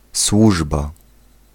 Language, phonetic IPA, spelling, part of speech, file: Polish, [ˈswuʒba], służba, noun, Pl-służba.ogg